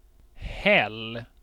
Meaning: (noun) 1. a more or less flat, often sloping section of rock surface 2. a slab of hewn rock (for some purpose) 3. a cooktop (flat surface with an assembly of burners for cooking)
- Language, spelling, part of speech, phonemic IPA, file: Swedish, häll, noun / verb, /hɛl/, Sv-häll.ogg